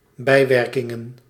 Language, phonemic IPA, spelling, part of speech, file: Dutch, /ˈbɛi̯.ʋɛr.kɪŋə(n)/, bijwerkingen, noun, Nl-bijwerkingen.ogg
- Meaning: plural of bijwerking